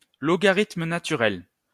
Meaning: natural logarithm
- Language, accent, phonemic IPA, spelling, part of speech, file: French, France, /lɔ.ɡa.ʁit.mə na.ty.ʁɛl/, logarithme naturel, noun, LL-Q150 (fra)-logarithme naturel.wav